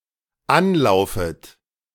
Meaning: second-person plural dependent subjunctive I of anlaufen
- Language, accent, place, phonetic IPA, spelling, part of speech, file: German, Germany, Berlin, [ˈanˌlaʊ̯fət], anlaufet, verb, De-anlaufet.ogg